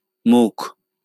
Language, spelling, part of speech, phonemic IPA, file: Bengali, মুখ, noun, /mukʰ/, LL-Q9610 (ben)-মুখ.wav
- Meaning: 1. mouth 2. face